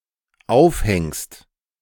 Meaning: second-person singular dependent present of aufhängen
- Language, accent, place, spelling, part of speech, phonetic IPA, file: German, Germany, Berlin, aufhängst, verb, [ˈaʊ̯fˌhɛŋst], De-aufhängst.ogg